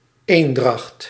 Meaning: 1. concord 2. unity (in beliefs)
- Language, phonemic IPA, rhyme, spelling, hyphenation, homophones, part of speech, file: Dutch, /ˈeːn.drɑxt/, -ɑxt, eendracht, een‧dracht, Eendragt, noun, Nl-eendracht.ogg